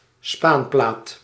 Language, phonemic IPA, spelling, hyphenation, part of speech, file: Dutch, /ˈspaːn.plaːt/, spaanplaat, spaan‧plaat, noun, Nl-spaanplaat.ogg
- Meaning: chipboard, particle board